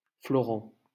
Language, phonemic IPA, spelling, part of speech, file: French, /flɔ.ʁɑ̃/, Florent, proper noun, LL-Q150 (fra)-Florent.wav
- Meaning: a male given name